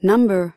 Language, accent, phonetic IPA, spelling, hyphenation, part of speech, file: English, US, [ˈnʌ̟mbɚ], number, num‧ber, noun / verb, En-us-number.ogg
- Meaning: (noun) 1. Quantity of countable things 2. An abstract entity used to describe quantity 3. A numeral: a symbol for a non-negative integer